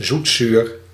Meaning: sweet-and-sour
- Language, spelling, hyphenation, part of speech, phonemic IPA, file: Dutch, zoetzuur, zoet‧zuur, adjective, /zutˈsyːr/, Nl-zoetzuur.ogg